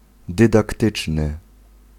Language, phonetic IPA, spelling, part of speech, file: Polish, [ˌdɨdakˈtɨt͡ʃnɨ], dydaktyczny, adjective, Pl-dydaktyczny.ogg